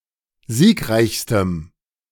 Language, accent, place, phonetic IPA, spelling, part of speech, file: German, Germany, Berlin, [ˈziːkˌʁaɪ̯çstəm], siegreichstem, adjective, De-siegreichstem.ogg
- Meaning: strong dative masculine/neuter singular superlative degree of siegreich